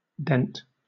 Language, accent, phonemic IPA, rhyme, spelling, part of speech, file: English, Southern England, /dɛnt/, -ɛnt, dent, noun / verb, LL-Q1860 (eng)-dent.wav
- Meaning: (noun) 1. A shallow deformation in the surface of an object, produced by an impact 2. A minor effect made upon something